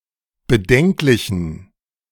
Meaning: inflection of bedenklich: 1. strong genitive masculine/neuter singular 2. weak/mixed genitive/dative all-gender singular 3. strong/weak/mixed accusative masculine singular 4. strong dative plural
- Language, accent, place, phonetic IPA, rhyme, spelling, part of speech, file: German, Germany, Berlin, [bəˈdɛŋklɪçn̩], -ɛŋklɪçn̩, bedenklichen, adjective, De-bedenklichen.ogg